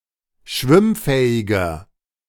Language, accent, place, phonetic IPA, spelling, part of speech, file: German, Germany, Berlin, [ˈʃvɪmˌfɛːɪɡɐ], schwimmfähiger, adjective, De-schwimmfähiger.ogg
- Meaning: inflection of schwimmfähig: 1. strong/mixed nominative masculine singular 2. strong genitive/dative feminine singular 3. strong genitive plural